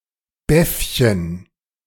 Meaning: preaching bands (a kind of neckwear worn chiefly by Protestant ministers)
- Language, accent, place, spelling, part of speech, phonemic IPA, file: German, Germany, Berlin, Beffchen, noun, /ˈbɛfçən/, De-Beffchen.ogg